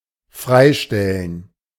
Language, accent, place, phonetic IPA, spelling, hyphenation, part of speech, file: German, Germany, Berlin, [ˈfʁaɪ̯ˌʃtɛlən], freistellen, frei‧stel‧len, verb, De-freistellen.ogg
- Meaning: 1. to exempt; to release, to extinguish someone’s obligation 2. to leave something up to someone; to make it someone’s free decision; to let someone decide something